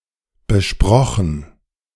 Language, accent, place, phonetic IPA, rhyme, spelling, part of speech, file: German, Germany, Berlin, [bəˈʃpʁɔxn̩], -ɔxn̩, besprochen, verb, De-besprochen.ogg
- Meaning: past participle of besprechen